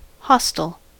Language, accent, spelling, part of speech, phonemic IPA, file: English, US, hostel, noun / verb, /ˈhɑstəl/, En-us-hostel.ogg
- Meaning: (noun) An overnight lodging place for travelers, with dormitory accommodation and shared facilities, especially a youth hostel